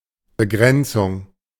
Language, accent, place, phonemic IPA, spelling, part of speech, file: German, Germany, Berlin, /bəˈɡʁɛnt͡sʊŋ/, Begrenzung, noun, De-Begrenzung.ogg
- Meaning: 1. margin, boundary, limit, border 2. demarcation 3. confinement